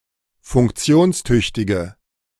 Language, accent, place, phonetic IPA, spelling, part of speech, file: German, Germany, Berlin, [fʊŋkˈt͡si̯oːnsˌtʏçtɪɡə], funktionstüchtige, adjective, De-funktionstüchtige.ogg
- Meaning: inflection of funktionstüchtig: 1. strong/mixed nominative/accusative feminine singular 2. strong nominative/accusative plural 3. weak nominative all-gender singular